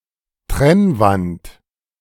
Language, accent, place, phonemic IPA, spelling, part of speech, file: German, Germany, Berlin, /ˈtʁɛnvant/, Trennwand, noun, De-Trennwand.ogg
- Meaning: 1. partition, interior wall, partition wall 2. folding screen, room divider